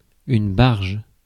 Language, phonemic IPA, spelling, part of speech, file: French, /baʁʒ/, barge, adjective / noun, Fr-barge.ogg
- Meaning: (adjective) nuts, bananas (crazy); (noun) 1. barge (boat) 2. godwit